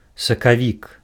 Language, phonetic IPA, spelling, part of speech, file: Belarusian, [sakaˈvʲik], сакавік, noun, Be-сакавік.ogg
- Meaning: March